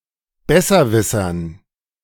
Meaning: dative plural of Besserwisser
- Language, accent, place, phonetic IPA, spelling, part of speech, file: German, Germany, Berlin, [ˈbɛsɐˌvɪsɐn], Besserwissern, noun, De-Besserwissern.ogg